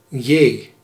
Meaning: the tenth letter of the Dutch alphabet
- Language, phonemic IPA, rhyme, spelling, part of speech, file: Dutch, /jeː/, -eː, j, character, Nl-j.ogg